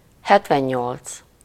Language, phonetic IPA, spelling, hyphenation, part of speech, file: Hungarian, [ˈhɛtvɛɲːolt͡s], hetvennyolc, het‧ven‧nyolc, numeral, Hu-hetvennyolc.ogg
- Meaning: seventy-eight